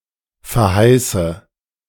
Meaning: inflection of verheißen: 1. first-person singular present 2. first/third-person singular subjunctive I 3. singular imperative
- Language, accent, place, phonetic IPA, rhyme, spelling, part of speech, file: German, Germany, Berlin, [fɛɐ̯ˈhaɪ̯sə], -aɪ̯sə, verheiße, verb, De-verheiße.ogg